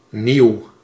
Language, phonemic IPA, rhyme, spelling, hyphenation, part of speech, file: Dutch, /niu̯/, -iu̯, nieuw, nieuw, adjective, Nl-nieuw.ogg
- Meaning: new